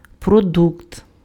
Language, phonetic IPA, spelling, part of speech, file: Ukrainian, [proˈdukt], продукт, noun, Uk-продукт.ogg
- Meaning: 1. product 2. produce 3. groceries